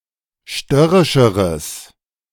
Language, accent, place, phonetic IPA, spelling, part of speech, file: German, Germany, Berlin, [ˈʃtœʁɪʃəʁəs], störrischeres, adjective, De-störrischeres.ogg
- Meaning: strong/mixed nominative/accusative neuter singular comparative degree of störrisch